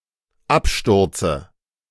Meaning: dative singular of Absturz
- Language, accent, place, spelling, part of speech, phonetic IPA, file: German, Germany, Berlin, Absturze, noun, [ˈapˌʃtʊʁt͡sə], De-Absturze.ogg